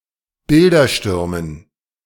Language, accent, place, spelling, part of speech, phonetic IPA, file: German, Germany, Berlin, Bilderstürmen, noun, [ˈbɪldɐˌʃtʏʁmən], De-Bilderstürmen.ogg
- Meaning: dative plural of Bildersturm